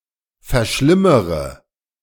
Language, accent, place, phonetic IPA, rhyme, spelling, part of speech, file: German, Germany, Berlin, [fɛɐ̯ˈʃlɪməʁə], -ɪməʁə, verschlimmere, verb, De-verschlimmere.ogg
- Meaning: inflection of verschlimmern: 1. first-person singular present 2. first/third-person singular subjunctive I 3. singular imperative